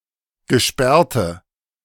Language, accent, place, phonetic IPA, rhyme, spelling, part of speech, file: German, Germany, Berlin, [ɡəˈʃpɛʁtə], -ɛʁtə, gesperrte, adjective, De-gesperrte.ogg
- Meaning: inflection of gesperrt: 1. strong/mixed nominative/accusative feminine singular 2. strong nominative/accusative plural 3. weak nominative all-gender singular